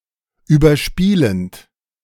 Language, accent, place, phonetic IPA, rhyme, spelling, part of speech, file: German, Germany, Berlin, [yːbɐˈʃpiːlənt], -iːlənt, überspielend, verb, De-überspielend.ogg
- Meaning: present participle of überspielen